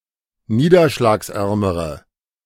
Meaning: inflection of niederschlagsarm: 1. strong/mixed nominative/accusative feminine singular comparative degree 2. strong nominative/accusative plural comparative degree
- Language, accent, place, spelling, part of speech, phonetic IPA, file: German, Germany, Berlin, niederschlagsärmere, adjective, [ˈniːdɐʃlaːksˌʔɛʁməʁə], De-niederschlagsärmere.ogg